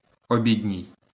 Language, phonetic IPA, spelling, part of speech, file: Ukrainian, [oˈbʲidʲnʲii̯], обідній, adjective, LL-Q8798 (ukr)-обідній.wav
- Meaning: lunch, dinner (attributive) (pertaining to the main meal eaten in the middle of the day)